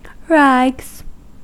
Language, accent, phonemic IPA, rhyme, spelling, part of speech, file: English, US, /ɹæɡz/, -æɡz, rags, noun / verb, En-us-rags.ogg
- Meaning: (noun) plural of rag; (verb) third-person singular simple present indicative of rag